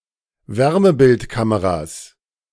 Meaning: plural of Wärmebildkamera
- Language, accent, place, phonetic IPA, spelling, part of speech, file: German, Germany, Berlin, [ˈvɛʁməbɪltˌkaməʁa(ː)s], Wärmebildkameras, noun, De-Wärmebildkameras.ogg